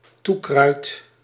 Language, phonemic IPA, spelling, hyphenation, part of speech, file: Dutch, /ˈtu.krœy̯t/, toekruid, toe‧kruid, noun, Nl-toekruid.ogg
- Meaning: a herb used as a spice or condiment